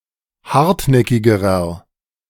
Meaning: inflection of hartnäckig: 1. strong/mixed nominative masculine singular comparative degree 2. strong genitive/dative feminine singular comparative degree 3. strong genitive plural comparative degree
- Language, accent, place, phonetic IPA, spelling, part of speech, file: German, Germany, Berlin, [ˈhaʁtˌnɛkɪɡəʁɐ], hartnäckigerer, adjective, De-hartnäckigerer.ogg